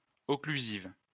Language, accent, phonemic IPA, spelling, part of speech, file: French, France, /ɔ.kly.ziv/, occlusive, noun / adjective, LL-Q150 (fra)-occlusive.wav
- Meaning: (noun) plosive, stop; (adjective) feminine singular of occlusif